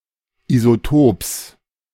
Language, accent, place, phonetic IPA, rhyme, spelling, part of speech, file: German, Germany, Berlin, [izoˈtoːps], -oːps, Isotops, noun, De-Isotops.ogg
- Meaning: genitive singular of Isotop